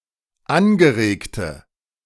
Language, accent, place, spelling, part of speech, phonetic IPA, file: German, Germany, Berlin, angeregte, adjective, [ˈanɡəˌʁeːktə], De-angeregte.ogg
- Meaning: inflection of angeregt: 1. strong/mixed nominative/accusative feminine singular 2. strong nominative/accusative plural 3. weak nominative all-gender singular